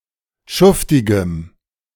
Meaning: strong dative masculine/neuter singular of schuftig
- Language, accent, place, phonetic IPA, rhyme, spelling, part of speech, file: German, Germany, Berlin, [ˈʃʊftɪɡəm], -ʊftɪɡəm, schuftigem, adjective, De-schuftigem.ogg